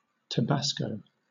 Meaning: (proper noun) 1. A state of Mexico 2. A surname; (noun) A spicy pepper sauce made from tabasco pepper (a chili pepper) with the addition of vinegar and salt
- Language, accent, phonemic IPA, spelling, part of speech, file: English, Southern England, /təˈbæskəʊ/, Tabasco, proper noun / noun, LL-Q1860 (eng)-Tabasco.wav